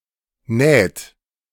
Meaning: inflection of nähen: 1. third-person singular present 2. second-person plural present 3. plural imperative
- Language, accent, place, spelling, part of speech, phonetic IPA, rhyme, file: German, Germany, Berlin, näht, verb, [nɛːt], -ɛːt, De-näht.ogg